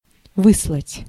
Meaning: 1. to send, to dispatch, to send forward 2. to banish, to exile; to deport, to expel
- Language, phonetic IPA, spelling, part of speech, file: Russian, [ˈvɨsɫətʲ], выслать, verb, Ru-выслать.ogg